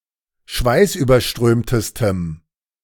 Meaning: strong dative masculine/neuter singular superlative degree of schweißüberströmt
- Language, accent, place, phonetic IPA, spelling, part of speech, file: German, Germany, Berlin, [ˈʃvaɪ̯sʔyːbɐˌʃtʁøːmtəstəm], schweißüberströmtestem, adjective, De-schweißüberströmtestem.ogg